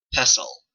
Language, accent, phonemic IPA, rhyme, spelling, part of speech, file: English, Canada, /ˈpɛsəl/, -ɛsəl, pestle, noun / verb, En-ca-pestle.oga
- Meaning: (noun) 1. A club-shaped, round-headed stick used in a mortar to pound, crush, rub or grind things 2. A constable's or bailiff's staff; so called from its shape